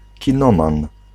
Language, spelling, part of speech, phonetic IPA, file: Polish, kinoman, noun, [cĩˈnɔ̃mãn], Pl-kinoman.ogg